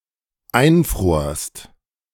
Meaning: second-person singular dependent preterite of einfrieren
- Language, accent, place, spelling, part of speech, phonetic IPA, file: German, Germany, Berlin, einfrorst, verb, [ˈaɪ̯nˌfʁoːɐ̯st], De-einfrorst.ogg